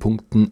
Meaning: dative plural of Punkt
- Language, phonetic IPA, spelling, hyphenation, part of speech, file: German, [ˈpʊŋktn̩], Punkten, Punk‧ten, noun, De-Punkten.ogg